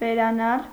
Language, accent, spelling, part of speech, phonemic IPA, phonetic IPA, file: Armenian, Eastern Armenian, վերանալ, verb, /veɾɑˈnɑl/, [veɾɑnɑ́l], Hy-վերանալ.ogg
- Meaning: 1. to go up 2. to disappear 3. to perform the process of abstraction